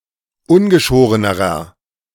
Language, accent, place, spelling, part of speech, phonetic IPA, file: German, Germany, Berlin, ungeschorenerer, adjective, [ˈʊnɡəˌʃoːʁənəʁɐ], De-ungeschorenerer.ogg
- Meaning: inflection of ungeschoren: 1. strong/mixed nominative masculine singular comparative degree 2. strong genitive/dative feminine singular comparative degree 3. strong genitive plural comparative degree